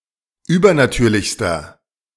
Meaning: inflection of übernatürlich: 1. strong/mixed nominative masculine singular superlative degree 2. strong genitive/dative feminine singular superlative degree
- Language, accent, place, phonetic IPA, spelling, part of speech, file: German, Germany, Berlin, [ˈyːbɐnaˌtyːɐ̯lɪçstɐ], übernatürlichster, adjective, De-übernatürlichster.ogg